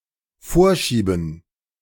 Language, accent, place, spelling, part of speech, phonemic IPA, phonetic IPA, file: German, Germany, Berlin, vorschieben, verb, /ˈfoːʁˌʃiːbən/, [ˈfoːɐ̯ˌʃiːbn̩], De-vorschieben.ogg
- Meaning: 1. to push forward 2. to feed (to a machine) 3. to use as a pretext